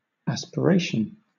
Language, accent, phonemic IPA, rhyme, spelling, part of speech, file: English, Southern England, /ˌæspəˈɹeɪʃən/, -eɪʃən, aspiration, noun, LL-Q1860 (eng)-aspiration.wav
- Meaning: The act of aspiring or ardently desiring; an ardent wish or desire, chiefly after what is elevated or spiritual (with common adjunct adpositions being to and of)